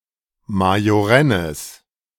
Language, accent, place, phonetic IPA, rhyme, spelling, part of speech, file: German, Germany, Berlin, [majoˈʁɛnəs], -ɛnəs, majorennes, adjective, De-majorennes.ogg
- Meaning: strong/mixed nominative/accusative neuter singular of majorenn